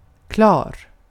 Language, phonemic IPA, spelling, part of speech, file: Swedish, /ˈklɑːr/, klar, adjective, Sv-klar.ogg
- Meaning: 1. ready, finished, done 2. ready 3. clear; without clouds 4. clear; free of ambiguity; easy to understand 5. completely transparent